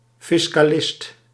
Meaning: a tax advisor
- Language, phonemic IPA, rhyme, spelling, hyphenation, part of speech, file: Dutch, /ˌfɪs.kaːˈlɪst/, -ɪst, fiscalist, fis‧ca‧list, noun, Nl-fiscalist.ogg